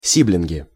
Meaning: nominative plural of си́блинг (síbling)
- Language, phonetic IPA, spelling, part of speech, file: Russian, [ˈsʲiblʲɪnɡʲɪ], сиблинги, noun, Ru-сиблинги.ogg